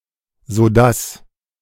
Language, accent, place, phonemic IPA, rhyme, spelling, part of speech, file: German, Germany, Berlin, /zoˈdas/, -as, sodass, conjunction, De-sodass.ogg
- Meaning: 1. so that 2. such that